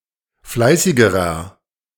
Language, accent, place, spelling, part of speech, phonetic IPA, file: German, Germany, Berlin, fleißigerer, adjective, [ˈflaɪ̯sɪɡəʁɐ], De-fleißigerer.ogg
- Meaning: inflection of fleißig: 1. strong/mixed nominative masculine singular comparative degree 2. strong genitive/dative feminine singular comparative degree 3. strong genitive plural comparative degree